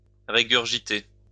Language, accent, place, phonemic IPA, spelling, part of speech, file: French, France, Lyon, /ʁe.ɡyʁ.ʒi.te/, régurgiter, verb, LL-Q150 (fra)-régurgiter.wav
- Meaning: to regurgitate